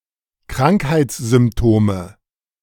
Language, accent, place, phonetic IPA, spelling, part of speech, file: German, Germany, Berlin, [ˈkʁaŋkhaɪ̯t͡sz̥ʏmpˌtoːmə], Krankheitssymptome, noun, De-Krankheitssymptome.ogg
- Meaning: nominative/accusative/genitive plural of Krankheitssymptom